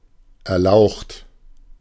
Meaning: illustrious
- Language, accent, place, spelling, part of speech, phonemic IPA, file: German, Germany, Berlin, erlaucht, adjective, /ɛʁˈlaʊ̯χt/, De-erlaucht.ogg